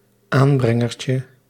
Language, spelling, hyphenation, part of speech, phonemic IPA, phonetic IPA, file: Dutch, aanbrengertje, aan‧bren‧ger‧tje, noun, /ˈaːnˌbrɛ.ŋər.tjə/, [ˈaːnˌbrɛ.ŋər.t͡ɕə], Nl-aanbrengertje.ogg
- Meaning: 1. diminutive of aanbrenger 2. synonym of weidemolen, a small windmill to drain a meadow